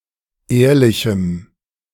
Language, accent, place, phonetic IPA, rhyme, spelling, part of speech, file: German, Germany, Berlin, [ˈeːɐ̯lɪçm̩], -eːɐ̯lɪçm̩, ehrlichem, adjective, De-ehrlichem.ogg
- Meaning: strong dative masculine/neuter singular of ehrlich